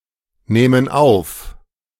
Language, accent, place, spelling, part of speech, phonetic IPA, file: German, Germany, Berlin, nähmen auf, verb, [ˌnɛːmən ˈaʊ̯f], De-nähmen auf.ogg
- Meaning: first/third-person plural subjunctive II of aufnehmen